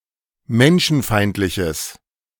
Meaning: strong/mixed nominative/accusative neuter singular of menschenfeindlich
- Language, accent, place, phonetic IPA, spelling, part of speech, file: German, Germany, Berlin, [ˈmɛnʃn̩ˌfaɪ̯ntlɪçəs], menschenfeindliches, adjective, De-menschenfeindliches.ogg